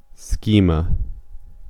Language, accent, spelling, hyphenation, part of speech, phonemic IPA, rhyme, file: English, US, schema, sche‧ma, noun, /ˈskimə/, -iːmə, En-us-schema.ogg
- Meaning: An outline or image universally applicable to a general conception, under which it is likely to be presented to the mind (for example, a body schema)